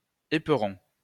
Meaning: 1. spur (for riding or on a cockerel) 2. spur (mountain that shoots from another mountain or range) 3. ram; cutwater
- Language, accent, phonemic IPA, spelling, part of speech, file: French, France, /e.pʁɔ̃/, éperon, noun, LL-Q150 (fra)-éperon.wav